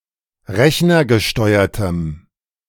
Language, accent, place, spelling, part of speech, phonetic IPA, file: German, Germany, Berlin, rechnergesteuertem, adjective, [ˈʁɛçnɐɡəˌʃtɔɪ̯ɐtəm], De-rechnergesteuertem.ogg
- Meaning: strong dative masculine/neuter singular of rechnergesteuert